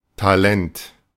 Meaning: talent
- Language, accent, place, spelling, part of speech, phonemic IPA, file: German, Germany, Berlin, Talent, noun, /taˈlɛnt/, De-Talent.ogg